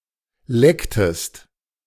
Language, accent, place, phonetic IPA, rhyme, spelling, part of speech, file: German, Germany, Berlin, [ˈlɛktəst], -ɛktəst, lecktest, verb, De-lecktest.ogg
- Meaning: inflection of lecken: 1. second-person singular preterite 2. second-person singular subjunctive II